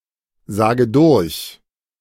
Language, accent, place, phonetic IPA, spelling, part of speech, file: German, Germany, Berlin, [ˌzaːɡə ˈdʊʁç], sage durch, verb, De-sage durch.ogg
- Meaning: inflection of durchsagen: 1. first-person singular present 2. first/third-person singular subjunctive I 3. singular imperative